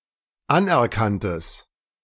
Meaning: strong/mixed nominative/accusative neuter singular of anerkannt
- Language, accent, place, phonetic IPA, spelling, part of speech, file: German, Germany, Berlin, [ˈanʔɛɐ̯ˌkantəs], anerkanntes, adjective, De-anerkanntes.ogg